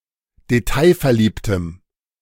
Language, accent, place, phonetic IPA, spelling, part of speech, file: German, Germany, Berlin, [deˈtaɪ̯fɛɐ̯ˌliːptəm], detailverliebtem, adjective, De-detailverliebtem.ogg
- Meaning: strong dative masculine/neuter singular of detailverliebt